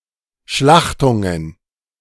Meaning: plural of Schlachtung
- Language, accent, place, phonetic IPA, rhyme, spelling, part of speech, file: German, Germany, Berlin, [ˈʃlaxtʊŋən], -axtʊŋən, Schlachtungen, noun, De-Schlachtungen.ogg